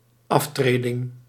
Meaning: resignation
- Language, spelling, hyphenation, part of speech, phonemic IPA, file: Dutch, aftreding, af‧tre‧ding, noun, /ˈɑfˌtreː.dɪŋ/, Nl-aftreding.ogg